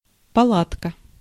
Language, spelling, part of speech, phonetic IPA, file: Russian, палатка, noun, [pɐˈɫatkə], Ru-палатка.ogg
- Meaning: 1. tent (portable lodge) 2. booth, stall (a small shop)